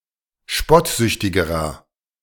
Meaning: inflection of spottsüchtig: 1. strong/mixed nominative masculine singular comparative degree 2. strong genitive/dative feminine singular comparative degree 3. strong genitive plural comparative degree
- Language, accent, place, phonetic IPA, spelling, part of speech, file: German, Germany, Berlin, [ˈʃpɔtˌzʏçtɪɡəʁɐ], spottsüchtigerer, adjective, De-spottsüchtigerer.ogg